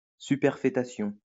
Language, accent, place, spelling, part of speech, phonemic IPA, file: French, France, Lyon, superfétation, noun, /sy.pɛʁ.fe.ta.sjɔ̃/, LL-Q150 (fra)-superfétation.wav
- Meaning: 1. superfetation (formation of a fetus while another fetus is already present in the uterus) 2. superfetation (superfluous addition)